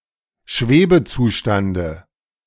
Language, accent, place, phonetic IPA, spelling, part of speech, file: German, Germany, Berlin, [ˈʃveːbəˌt͡suːʃtandə], Schwebezustande, noun, De-Schwebezustande.ogg
- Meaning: dative of Schwebezustand